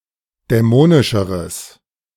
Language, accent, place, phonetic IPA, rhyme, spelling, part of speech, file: German, Germany, Berlin, [dɛˈmoːnɪʃəʁəs], -oːnɪʃəʁəs, dämonischeres, adjective, De-dämonischeres.ogg
- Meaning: strong/mixed nominative/accusative neuter singular comparative degree of dämonisch